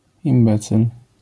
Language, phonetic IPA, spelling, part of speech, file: Polish, [ĩmˈbɛt͡sɨl], imbecyl, noun, LL-Q809 (pol)-imbecyl.wav